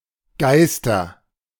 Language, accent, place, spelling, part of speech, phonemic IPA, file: German, Germany, Berlin, Geister, proper noun / noun, /ˈɡaɪ̯stɐ/, De-Geister.ogg
- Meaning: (proper noun) a surname; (noun) nominative/accusative/genitive plural of Geist